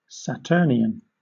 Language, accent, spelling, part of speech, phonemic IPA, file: English, Southern England, Saturnian, adjective / noun, /sæˈtɜː(ɹ)n.jən/, LL-Q1860 (eng)-Saturnian.wav
- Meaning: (adjective) 1. Related to the planet Saturn 2. Related to the Roman god Saturn 3. Dour, baleful or sullen 4. Resembling a golden age; distinguished for peacefulness, happiness, contentment